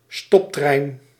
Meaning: local train, commuter train
- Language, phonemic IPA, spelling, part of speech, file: Dutch, /ˈstɔptrɛin/, stoptrein, noun, Nl-stoptrein.ogg